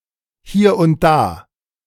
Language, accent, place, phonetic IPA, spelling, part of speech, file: German, Germany, Berlin, [ˈhiːɐ̯ ʊnt ˈdaː], hier und da, phrase, De-hier und da.ogg
- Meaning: 1. here and there 2. from time to time